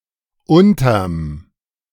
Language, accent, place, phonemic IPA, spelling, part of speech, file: German, Germany, Berlin, /ˈʊntɐm/, unterm, contraction, De-unterm.ogg
- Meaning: contraction of unter + dem